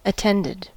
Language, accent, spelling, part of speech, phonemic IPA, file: English, US, attended, verb / adjective, /əˈtɛndɪd/, En-us-attended.ogg
- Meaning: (verb) simple past and past participle of attend; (adjective) 1. Having a person or people present; with someone in attendance 2. Being the focus of attention; receiving attention